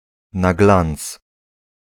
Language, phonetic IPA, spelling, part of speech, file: Polish, [na‿ˈɡlãnt͡s], na glanc, adverbial phrase, Pl-na glanc.ogg